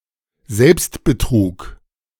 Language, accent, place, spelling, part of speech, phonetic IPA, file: German, Germany, Berlin, Selbstbetrug, noun, [ˈzɛlpstbəˌtʁuːk], De-Selbstbetrug.ogg
- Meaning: self-deception